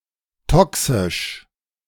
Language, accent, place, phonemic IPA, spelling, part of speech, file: German, Germany, Berlin, /ˈtɔksɪʃ/, toxisch, adjective, De-toxisch.ogg
- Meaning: toxic